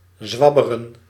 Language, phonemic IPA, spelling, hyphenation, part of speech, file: Dutch, /ˈzʋɑ.bə.rə(n)/, zwabberen, zwab‧be‧ren, verb, Nl-zwabberen.ogg
- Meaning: 1. to clean with a mop 2. to sway, swing 3. to be inconsistent, vacillate (of decisions, policy)